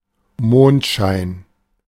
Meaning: moonshine (shine of the moon)
- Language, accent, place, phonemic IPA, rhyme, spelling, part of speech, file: German, Germany, Berlin, /ˈmoːntˌʃaɪ̯n/, -aɪ̯n, Mondschein, noun, De-Mondschein.ogg